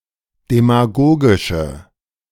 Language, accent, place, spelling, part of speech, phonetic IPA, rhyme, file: German, Germany, Berlin, demagogische, adjective, [demaˈɡoːɡɪʃə], -oːɡɪʃə, De-demagogische.ogg
- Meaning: inflection of demagogisch: 1. strong/mixed nominative/accusative feminine singular 2. strong nominative/accusative plural 3. weak nominative all-gender singular